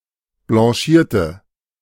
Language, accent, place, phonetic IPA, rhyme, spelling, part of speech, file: German, Germany, Berlin, [blɑ̃ˈʃiːɐ̯tə], -iːɐ̯tə, blanchierte, adjective / verb, De-blanchierte.ogg
- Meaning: inflection of blanchieren: 1. first/third-person singular preterite 2. first/third-person singular subjunctive II